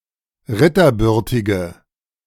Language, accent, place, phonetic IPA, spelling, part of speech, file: German, Germany, Berlin, [ˈʁɪtɐˌbʏʁtɪɡə], ritterbürtige, adjective, De-ritterbürtige.ogg
- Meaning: inflection of ritterbürtig: 1. strong/mixed nominative/accusative feminine singular 2. strong nominative/accusative plural 3. weak nominative all-gender singular